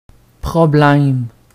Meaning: 1. problem 2. trouble
- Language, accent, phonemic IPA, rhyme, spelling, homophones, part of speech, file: French, Quebec, /pʁɔ.blɛm/, -ɛm, problème, problèmes, noun, Qc-problème.ogg